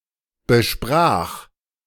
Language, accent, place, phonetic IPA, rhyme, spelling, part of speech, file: German, Germany, Berlin, [bəˈʃpʁaːx], -aːx, besprach, verb, De-besprach.ogg
- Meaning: first/third-person singular preterite of besprechen